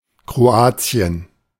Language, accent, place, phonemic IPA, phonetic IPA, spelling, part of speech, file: German, Germany, Berlin, /kroːˈaːtsiːən/, [kʁoˈaːtsi̯ən], Kroatien, proper noun, De-Kroatien.ogg
- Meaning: Croatia (a country on the Balkan Peninsula in Southeastern Europe)